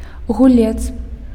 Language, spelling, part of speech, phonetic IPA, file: Belarusian, гулец, noun, [ɣuˈlʲet͡s], Be-гулец.ogg
- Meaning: player